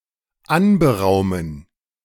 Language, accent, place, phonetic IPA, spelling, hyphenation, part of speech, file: German, Germany, Berlin, [ˈanbəˌʁaʊ̯mən], anberaumen, an‧be‧rau‧men, verb, De-anberaumen.ogg
- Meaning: to schedule